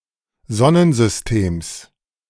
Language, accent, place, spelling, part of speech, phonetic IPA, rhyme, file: German, Germany, Berlin, Sonnensystems, noun, [ˈzɔnənzʏsˈteːms], -eːms, De-Sonnensystems.ogg
- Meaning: genitive singular of Sonnensystem